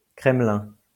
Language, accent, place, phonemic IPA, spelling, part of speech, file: French, France, Lyon, /kʁɛm.lɛ̃/, Kremlin, proper noun, LL-Q150 (fra)-Kremlin.wav
- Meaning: Kremlin (the Moscow Kremlin)